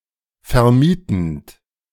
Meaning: present participle of vermieten
- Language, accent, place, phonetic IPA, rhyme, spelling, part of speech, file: German, Germany, Berlin, [fɛɐ̯ˈmiːtn̩t], -iːtn̩t, vermietend, verb, De-vermietend.ogg